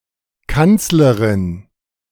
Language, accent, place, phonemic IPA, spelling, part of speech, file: German, Germany, Berlin, /ˈkantsləʁɪn/, Kanzlerin, noun, De-Kanzlerin.ogg
- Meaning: 1. chancellor (female) 2. ellipsis of Bundeskanzlerin